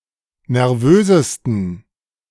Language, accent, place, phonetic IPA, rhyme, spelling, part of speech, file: German, Germany, Berlin, [nɛʁˈvøːzəstn̩], -øːzəstn̩, nervösesten, adjective, De-nervösesten.ogg
- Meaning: 1. superlative degree of nervös 2. inflection of nervös: strong genitive masculine/neuter singular superlative degree